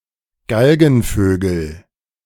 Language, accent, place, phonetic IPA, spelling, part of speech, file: German, Germany, Berlin, [ˈɡalɡn̩ˌføːɡl̩], Galgenvögel, noun, De-Galgenvögel.ogg
- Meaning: nominative/accusative/genitive plural of Galgenvogel